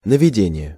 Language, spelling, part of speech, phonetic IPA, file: Russian, наведение, noun, [nəvʲɪˈdʲenʲɪje], Ru-наведение.ogg
- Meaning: 1. induction 2. aiming, pointing, homing, guidance 3. establishing, putting